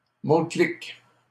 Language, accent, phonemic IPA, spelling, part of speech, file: French, Canada, /mo.klik/, mot-clic, noun, LL-Q150 (fra)-mot-clic.wav
- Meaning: hashtag (term used to tag a missive to identify a topic or searchterm)